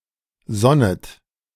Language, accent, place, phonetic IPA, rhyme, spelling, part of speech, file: German, Germany, Berlin, [ˈzɔnət], -ɔnət, sonnet, verb, De-sonnet.ogg
- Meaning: second-person plural subjunctive I of sonnen